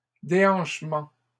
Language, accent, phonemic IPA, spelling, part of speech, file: French, Canada, /de.ɑ̃ʃ.mɑ̃/, déhanchements, noun, LL-Q150 (fra)-déhanchements.wav
- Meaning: plural of déhanchement